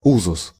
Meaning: 1. usage, standard, customary practice 2. usage (generally accepted use of language units)
- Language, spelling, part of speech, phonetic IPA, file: Russian, узус, noun, [ˈuzʊs], Ru-узус.ogg